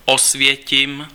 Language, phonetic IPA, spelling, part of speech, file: Czech, [ˈosvjɛcɪm], Osvětim, proper noun, Cs-Osvětim.ogg
- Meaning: Auschwitz (a city in Poland)